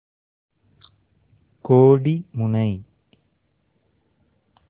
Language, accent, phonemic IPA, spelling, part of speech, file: Tamil, India, /koːɖɪmʊnɐɪ̯/, கோடிமுனை, proper noun, Ta-கோடிமுனை.ogg
- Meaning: Kodimunai (a fishing hamlet in Kanyakumari district, Tamil Nadu, India)